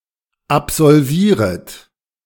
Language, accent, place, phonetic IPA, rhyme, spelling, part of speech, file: German, Germany, Berlin, [apzɔlˈviːʁət], -iːʁət, absolvieret, verb, De-absolvieret.ogg
- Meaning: second-person plural subjunctive I of absolvieren